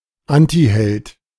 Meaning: antihero
- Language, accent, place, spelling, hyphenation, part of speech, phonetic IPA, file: German, Germany, Berlin, Antiheld, An‧ti‧held, noun, [ˈantihɛlt], De-Antiheld.ogg